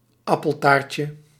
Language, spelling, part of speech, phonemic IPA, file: Dutch, appeltaartje, noun, /ˈɑpəltarcə/, Nl-appeltaartje.ogg
- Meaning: diminutive of appeltaart